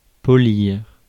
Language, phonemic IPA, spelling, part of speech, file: French, /pɔ.liʁ/, polir, verb, Fr-polir.ogg
- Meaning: 1. to shine; to make a surface very smooth or shiny by rubbing, cleaning, or grinding (often polish up) 2. to refine; remove imperfections